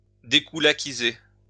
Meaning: to dekulakize
- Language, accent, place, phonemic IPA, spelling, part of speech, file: French, France, Lyon, /de.ku.la.ki.ze/, dékoulakiser, verb, LL-Q150 (fra)-dékoulakiser.wav